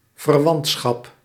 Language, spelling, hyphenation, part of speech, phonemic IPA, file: Dutch, verwantschap, ver‧want‧schap, noun, /vərˈwɑntsxɑp/, Nl-verwantschap.ogg
- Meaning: 1. kinship, relationship (by blood or marriage) 2. relation, association, affinity, similarity 3. extended family, kin, relatives